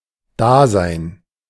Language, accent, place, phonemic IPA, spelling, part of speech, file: German, Germany, Berlin, /ˈdaːzaɪ̯n/, Dasein, noun, De-Dasein.ogg
- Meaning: being there, presence, existence